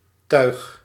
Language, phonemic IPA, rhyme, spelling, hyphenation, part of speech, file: Dutch, /tœy̯x/, -œy̯x, tuig, tuig, noun / verb, Nl-tuig.ogg
- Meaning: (noun) 1. thing 2. physical device, contraption 3. riff-raff 4. rig, rigging 5. harness; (verb) inflection of tuigen: first-person singular present indicative